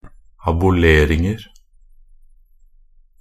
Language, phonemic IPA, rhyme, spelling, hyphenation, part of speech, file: Norwegian Bokmål, /abʊˈleːrɪŋər/, -ər, aboleringer, a‧bo‧ler‧ing‧er, noun, Nb-aboleringer.ogg
- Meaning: indefinite plural of abolering